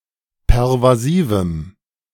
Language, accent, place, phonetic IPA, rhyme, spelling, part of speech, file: German, Germany, Berlin, [pɛʁvaˈziːvm̩], -iːvm̩, pervasivem, adjective, De-pervasivem.ogg
- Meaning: strong dative masculine/neuter singular of pervasiv